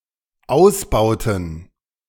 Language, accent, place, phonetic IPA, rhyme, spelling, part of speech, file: German, Germany, Berlin, [ˈaʊ̯sˌbaʊ̯tn̩], -aʊ̯sbaʊ̯tn̩, ausbauten, verb, De-ausbauten.ogg
- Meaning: inflection of ausbauen: 1. first/third-person plural dependent preterite 2. first/third-person plural dependent subjunctive II